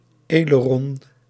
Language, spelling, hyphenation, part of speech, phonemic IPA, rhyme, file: Dutch, aileron, ai‧le‧ron, noun, /ˌɛ.ləˈrɔn/, -ɔn, Nl-aileron.ogg
- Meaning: aileron (aeroplane part)